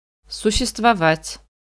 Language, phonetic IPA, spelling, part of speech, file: Russian, [sʊɕːɪstvɐˈvatʲ], существовать, verb, Ru-существовать.ogg
- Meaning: to exist, to be, to live